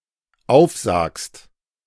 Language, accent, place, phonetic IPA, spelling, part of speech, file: German, Germany, Berlin, [ˈaʊ̯fˌzaːkst], aufsagst, verb, De-aufsagst.ogg
- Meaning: second-person singular dependent present of aufsagen